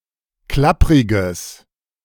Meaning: strong/mixed nominative/accusative neuter singular of klapprig
- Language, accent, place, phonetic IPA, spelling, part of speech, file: German, Germany, Berlin, [ˈklapʁɪɡəs], klappriges, adjective, De-klappriges.ogg